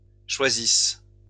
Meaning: inflection of choisir: 1. third-person plural present indicative/subjunctive 2. third-person plural imperfect subjunctive
- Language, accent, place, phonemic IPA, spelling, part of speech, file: French, France, Lyon, /ʃwa.zis/, choisissent, verb, LL-Q150 (fra)-choisissent.wav